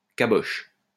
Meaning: head
- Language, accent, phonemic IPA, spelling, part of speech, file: French, France, /ka.bɔʃ/, caboche, noun, LL-Q150 (fra)-caboche.wav